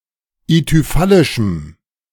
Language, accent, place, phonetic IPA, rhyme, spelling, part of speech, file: German, Germany, Berlin, [ityˈfalɪʃm̩], -alɪʃm̩, ithyphallischem, adjective, De-ithyphallischem.ogg
- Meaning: strong dative masculine/neuter singular of ithyphallisch